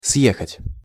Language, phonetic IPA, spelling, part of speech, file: Russian, [ˈsjexətʲ], съехать, verb, Ru-съехать.ogg
- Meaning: 1. to go down, to slide down 2. to move (from a place of residence)